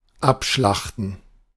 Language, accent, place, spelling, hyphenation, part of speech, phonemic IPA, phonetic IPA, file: German, Germany, Berlin, abschlachten, ab‧schlach‧ten, verb, /ˈapˌʃlaχtən/, [ˈʔapˌʃlaχtn̩], De-abschlachten.ogg
- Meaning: 1. to slaughter (to kill brutally) 2. to commit mass murder